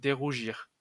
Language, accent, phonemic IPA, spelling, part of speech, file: French, France, /de.ʁu.ʒiʁ/, dérougir, verb, LL-Q150 (fra)-dérougir.wav
- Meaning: 1. unredden, deredden (to cause to stop being red) 2. unredden (to cease being red, to lose redness)